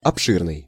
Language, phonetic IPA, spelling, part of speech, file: Russian, [ɐpˈʂɨrnɨj], обширный, adjective, Ru-обширный.ogg
- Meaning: vast, ample, extensive